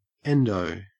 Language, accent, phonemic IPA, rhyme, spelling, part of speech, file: English, Australia, /ˈɛndəʊ/, -ɛndəʊ, endo, noun / verb / adjective, En-au-endo.ogg
- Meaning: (noun) 1. Marijuana 2. A bicycle or motorcycle trick where the bike is ridden on the front wheel